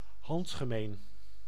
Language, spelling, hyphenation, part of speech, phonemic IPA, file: Dutch, handgemeen, hand‧ge‧meen, adjective / noun, /ˈhɑntɣəmen/, Nl-handgemeen.ogg
- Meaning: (adjective) involved in a fight; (noun) scuffle (fight)